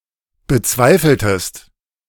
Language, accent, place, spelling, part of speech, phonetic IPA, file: German, Germany, Berlin, bezweifeltest, verb, [bəˈt͡svaɪ̯fl̩təst], De-bezweifeltest.ogg
- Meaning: inflection of bezweifeln: 1. second-person singular preterite 2. second-person singular subjunctive II